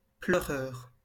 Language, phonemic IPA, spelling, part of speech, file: French, /plœ.ʁœʁ/, pleureur, noun / adjective, LL-Q150 (fra)-pleureur.wav
- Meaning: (noun) 1. crier; weeper one who cries or weeps 2. crybaby; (adjective) weeping